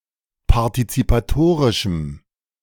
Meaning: strong dative masculine/neuter singular of partizipatorisch
- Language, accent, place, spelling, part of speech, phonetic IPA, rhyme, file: German, Germany, Berlin, partizipatorischem, adjective, [paʁtit͡sipaˈtoːʁɪʃm̩], -oːʁɪʃm̩, De-partizipatorischem.ogg